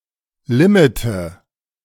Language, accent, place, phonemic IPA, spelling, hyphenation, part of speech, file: German, Germany, Berlin, /liˈmiːtə/, Limite, Li‧mi‧te, noun, De-Limite.ogg
- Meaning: 1. limit 2. nominative/accusative/genitive plural of Limit